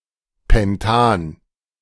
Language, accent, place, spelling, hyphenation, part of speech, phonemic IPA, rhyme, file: German, Germany, Berlin, Pentan, Pen‧tan, noun, /ˌpɛnˈtaːn/, -aːn, De-Pentan.ogg
- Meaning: pentane (aliphatic hydrocarbon: C₅H₁₂)